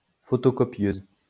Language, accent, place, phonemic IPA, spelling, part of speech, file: French, France, Lyon, /fɔ.to.kɔ.pjøz/, photocopieuse, noun, LL-Q150 (fra)-photocopieuse.wav
- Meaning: photocopier (device)